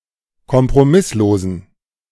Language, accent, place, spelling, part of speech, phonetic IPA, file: German, Germany, Berlin, kompromisslosen, adjective, [kɔmpʁoˈmɪsloːzn̩], De-kompromisslosen.ogg
- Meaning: inflection of kompromisslos: 1. strong genitive masculine/neuter singular 2. weak/mixed genitive/dative all-gender singular 3. strong/weak/mixed accusative masculine singular 4. strong dative plural